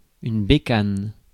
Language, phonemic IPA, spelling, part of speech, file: French, /be.kan/, bécane, noun, Fr-bécane.ogg
- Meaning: 1. bike, bicycle 2. motorbike 3. 'puter, computer